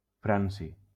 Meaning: francium
- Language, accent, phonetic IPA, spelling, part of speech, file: Catalan, Valencia, [ˈfɾan.si], franci, noun, LL-Q7026 (cat)-franci.wav